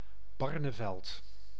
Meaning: Barneveld (a village and municipality of Gelderland, Netherlands)
- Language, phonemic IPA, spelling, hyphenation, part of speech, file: Dutch, /ˈbɑr.nəˌvɛlt/, Barneveld, Bar‧ne‧veld, proper noun, Nl-Barneveld.ogg